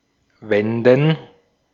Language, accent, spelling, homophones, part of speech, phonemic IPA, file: German, Austria, wenden, Wänden, verb, /ˈvɛndən/, De-at-wenden.ogg
- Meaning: 1. to turn something so as to cook or roast it from both sides 2. to turn something (in general) 3. to avert; to curb 4. to make a u-turn; to turn around one’s car or vehicle 5. to turn around